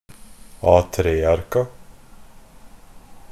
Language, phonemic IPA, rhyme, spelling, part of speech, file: Norwegian Bokmål, /ˈɑːtɾeːarka/, -arka, A3-arka, noun, NB - Pronunciation of Norwegian Bokmål «A3-arka».ogg
- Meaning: definite plural of A3-ark